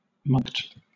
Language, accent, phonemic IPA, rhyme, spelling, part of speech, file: English, Southern England, /mʌlkt/, -ʌlkt, mulct, noun / verb, LL-Q1860 (eng)-mulct.wav
- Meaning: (noun) A fine or penalty, especially a pecuniary one; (verb) 1. To impose such a fine or penalty 2. To swindle (someone) out of money